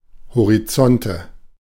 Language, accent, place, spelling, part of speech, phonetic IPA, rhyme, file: German, Germany, Berlin, Horizonte, noun, [hoʁiˈt͡sɔntə], -ɔntə, De-Horizonte.ogg
- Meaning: nominative/accusative/genitive plural of Horizont